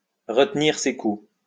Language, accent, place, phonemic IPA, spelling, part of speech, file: French, France, Lyon, /ʁə.t(ə).niʁ se ku/, retenir ses coups, verb, LL-Q150 (fra)-retenir ses coups.wav
- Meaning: to pull one's punches, to pull punches